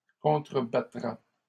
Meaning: third-person singular future of contrebattre
- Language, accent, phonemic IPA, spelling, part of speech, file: French, Canada, /kɔ̃.tʁə.ba.tʁa/, contrebattra, verb, LL-Q150 (fra)-contrebattra.wav